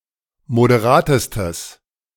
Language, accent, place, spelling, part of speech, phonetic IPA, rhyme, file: German, Germany, Berlin, moderatestes, adjective, [modeˈʁaːtəstəs], -aːtəstəs, De-moderatestes.ogg
- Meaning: strong/mixed nominative/accusative neuter singular superlative degree of moderat